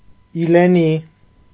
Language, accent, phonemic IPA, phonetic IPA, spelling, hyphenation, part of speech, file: Armenian, Eastern Armenian, /ileˈni/, [ilení], իլենի, ի‧լե‧նի, noun, Hy-իլենի.ogg
- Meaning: spindle tree, euonymus